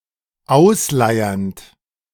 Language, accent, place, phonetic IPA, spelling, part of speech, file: German, Germany, Berlin, [ˈaʊ̯sˌlaɪ̯ɐnt], ausleiernd, verb, De-ausleiernd.ogg
- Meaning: present participle of ausleiern